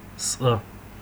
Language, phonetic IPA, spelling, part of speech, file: Adyghe, [sʼa], сӏэ, noun, Сӏэ.ogg
- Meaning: alternative form of цӏэ (cʼɛ)